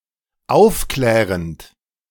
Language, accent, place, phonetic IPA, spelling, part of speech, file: German, Germany, Berlin, [ˈaʊ̯fˌklɛːʁənt], aufklärend, verb, De-aufklärend.ogg
- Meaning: present participle of aufklären